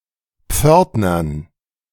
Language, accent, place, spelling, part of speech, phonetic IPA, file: German, Germany, Berlin, Pförtnern, noun, [ˈp͡fœʁtnɐn], De-Pförtnern.ogg
- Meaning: dative plural of Pförtner